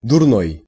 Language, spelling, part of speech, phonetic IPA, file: Russian, дурной, adjective, [dʊrˈnoj], Ru-дурной.ogg
- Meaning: 1. foolish, stupid 2. bad 3. ugly 4. reprehensible